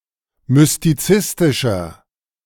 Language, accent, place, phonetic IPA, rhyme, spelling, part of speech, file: German, Germany, Berlin, [mʏstiˈt͡sɪstɪʃɐ], -ɪstɪʃɐ, mystizistischer, adjective, De-mystizistischer.ogg
- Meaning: inflection of mystizistisch: 1. strong/mixed nominative masculine singular 2. strong genitive/dative feminine singular 3. strong genitive plural